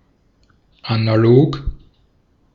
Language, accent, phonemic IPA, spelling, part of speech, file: German, Austria, /anaˈloːk/, analog, adjective, De-at-analog.ogg
- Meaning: 1. analogous 2. analog 3. analog, material (not electronic or computerised)